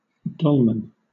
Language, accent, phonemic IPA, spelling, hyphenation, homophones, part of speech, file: English, Southern England, /ˈdɒlmən/, dolman, dol‧man, dolmen, noun, LL-Q1860 (eng)-dolman.wav
- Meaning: A long, loose garment with narrow sleeves and an opening in the front, generally worn by Turks